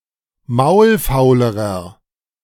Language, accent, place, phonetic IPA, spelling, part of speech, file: German, Germany, Berlin, [ˈmaʊ̯lˌfaʊ̯ləʁɐ], maulfaulerer, adjective, De-maulfaulerer.ogg
- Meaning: inflection of maulfaul: 1. strong/mixed nominative masculine singular comparative degree 2. strong genitive/dative feminine singular comparative degree 3. strong genitive plural comparative degree